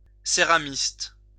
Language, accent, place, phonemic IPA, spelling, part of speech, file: French, France, Lyon, /se.ʁa.mist/, céramiste, noun, LL-Q150 (fra)-céramiste.wav
- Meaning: ceramist